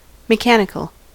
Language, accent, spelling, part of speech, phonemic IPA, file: English, US, mechanical, adjective / noun, /məˈkænəkəl/, En-us-mechanical.ogg
- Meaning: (adjective) 1. Characteristic of someone who does manual labour for a living; coarse, vulgar 2. Related to mechanics (the branch of physics that deals with forces acting on matter)